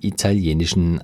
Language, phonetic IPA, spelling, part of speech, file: German, [ˌitaˈli̯eːnɪʃn̩], italienischen, adjective, De-italienischen.ogg
- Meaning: inflection of italienisch: 1. strong genitive masculine/neuter singular 2. weak/mixed genitive/dative all-gender singular 3. strong/weak/mixed accusative masculine singular 4. strong dative plural